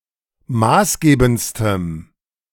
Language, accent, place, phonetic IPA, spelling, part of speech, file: German, Germany, Berlin, [ˈmaːsˌɡeːbn̩t͡stəm], maßgebendstem, adjective, De-maßgebendstem.ogg
- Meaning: strong dative masculine/neuter singular superlative degree of maßgebend